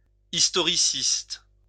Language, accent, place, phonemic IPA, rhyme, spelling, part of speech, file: French, France, Lyon, /is.tɔ.ʁi.sist/, -ist, historiciste, adjective, LL-Q150 (fra)-historiciste.wav
- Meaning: historicist